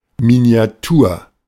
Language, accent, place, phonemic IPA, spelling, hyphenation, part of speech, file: German, Germany, Berlin, /mini̯aˈtuːɐ̯/, Miniatur, Mi‧ni‧a‧tur, noun, De-Miniatur.ogg
- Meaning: miniature